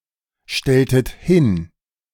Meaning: inflection of hinstellen: 1. second-person plural preterite 2. second-person plural subjunctive II
- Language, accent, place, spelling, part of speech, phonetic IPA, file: German, Germany, Berlin, stelltet hin, verb, [ˌʃtɛltət ˈhɪn], De-stelltet hin.ogg